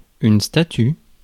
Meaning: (noun) statue; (verb) inflection of statuer: 1. first/third-person singular present indicative/subjunctive 2. second-person singular imperative
- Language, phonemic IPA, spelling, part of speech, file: French, /sta.ty/, statue, noun / verb, Fr-statue.ogg